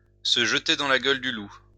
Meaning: to walk into the lion's den
- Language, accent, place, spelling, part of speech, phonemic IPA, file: French, France, Lyon, se jeter dans la gueule du loup, verb, /sə ʒ(ə).te dɑ̃ la ɡœl dy lu/, LL-Q150 (fra)-se jeter dans la gueule du loup.wav